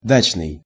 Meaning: 1. dacha 2. suburban (of means of transport; i.e. taking passengers to dachas) 3. summer (time when people go to dachas)
- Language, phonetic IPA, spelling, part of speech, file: Russian, [ˈdat͡ɕnɨj], дачный, adjective, Ru-дачный.ogg